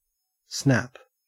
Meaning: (noun) 1. A quick breaking or cracking sound or the action of producing such a sound 2. A sudden break 3. An attempt to seize, bite, attack, or grab
- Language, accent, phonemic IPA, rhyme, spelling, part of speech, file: English, Australia, /snæp/, -æp, snap, noun / verb / interjection / adjective, En-au-snap.ogg